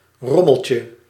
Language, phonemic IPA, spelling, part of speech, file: Dutch, /ˈrɔməlcə/, rommeltje, noun, Nl-rommeltje.ogg
- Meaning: diminutive of rommel